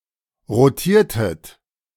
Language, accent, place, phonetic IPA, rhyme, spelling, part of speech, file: German, Germany, Berlin, [ʁoˈtiːɐ̯tət], -iːɐ̯tət, rotiertet, verb, De-rotiertet.ogg
- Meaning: inflection of rotieren: 1. second-person plural preterite 2. second-person plural subjunctive II